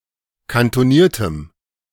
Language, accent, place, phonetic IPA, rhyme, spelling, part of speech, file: German, Germany, Berlin, [kantoˈniːɐ̯təm], -iːɐ̯təm, kantoniertem, adjective, De-kantoniertem.ogg
- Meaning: strong dative masculine/neuter singular of kantoniert